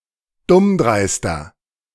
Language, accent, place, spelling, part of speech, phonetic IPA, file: German, Germany, Berlin, dummdreister, adjective, [ˈdʊmˌdʁaɪ̯stɐ], De-dummdreister.ogg
- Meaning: 1. comparative degree of dummdreist 2. inflection of dummdreist: strong/mixed nominative masculine singular 3. inflection of dummdreist: strong genitive/dative feminine singular